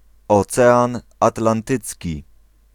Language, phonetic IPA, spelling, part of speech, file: Polish, [ɔˈt͡sɛãn ˌatlãnˈtɨt͡sʲci], Ocean Atlantycki, proper noun, Pl-Ocean Atlantycki.ogg